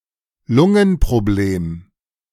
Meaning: lung problem
- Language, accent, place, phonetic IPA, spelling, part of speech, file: German, Germany, Berlin, [ˈlʊŋənpʁoˌbleːm], Lungenproblem, noun, De-Lungenproblem.ogg